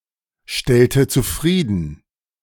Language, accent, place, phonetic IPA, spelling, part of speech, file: German, Germany, Berlin, [ˌʃtɛltə t͡suˈfʁiːdn̩], stellte zufrieden, verb, De-stellte zufrieden.ogg
- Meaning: inflection of zufriedenstellen: 1. first/third-person singular preterite 2. first/third-person singular subjunctive II